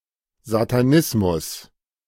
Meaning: satanism
- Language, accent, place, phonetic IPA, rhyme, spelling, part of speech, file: German, Germany, Berlin, [zataˈnɪsmʊs], -ɪsmʊs, Satanismus, noun, De-Satanismus.ogg